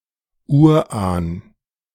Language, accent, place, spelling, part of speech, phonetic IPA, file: German, Germany, Berlin, Urahn, noun, [ˈuːɐ̯ˌʔaːn], De-Urahn.ogg
- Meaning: ancestor, forebear (male or of unspecified gender)